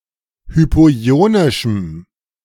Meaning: strong dative masculine/neuter singular of hypoionisch
- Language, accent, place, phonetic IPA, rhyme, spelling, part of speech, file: German, Germany, Berlin, [ˌhypoˈi̯oːnɪʃm̩], -oːnɪʃm̩, hypoionischem, adjective, De-hypoionischem.ogg